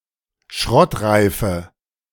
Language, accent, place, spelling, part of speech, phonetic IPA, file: German, Germany, Berlin, schrottreife, adjective, [ˈʃʁɔtˌʁaɪ̯fə], De-schrottreife.ogg
- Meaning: inflection of schrottreif: 1. strong/mixed nominative/accusative feminine singular 2. strong nominative/accusative plural 3. weak nominative all-gender singular